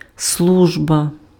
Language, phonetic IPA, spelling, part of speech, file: Ukrainian, [ˈsɫuʒbɐ], служба, noun, Uk-служба.ogg
- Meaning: 1. service 2. employment, job 3. office, work 4. duty 5. divine service